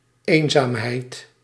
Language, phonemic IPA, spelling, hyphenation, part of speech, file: Dutch, /ˈeːn.zaːm.ɦɛi̯t/, eenzaamheid, een‧zaam‧heid, noun, Nl-eenzaamheid.ogg
- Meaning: loneliness